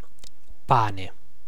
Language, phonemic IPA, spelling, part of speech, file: Italian, /ˈpaːne/, pane, noun, It-pane.ogg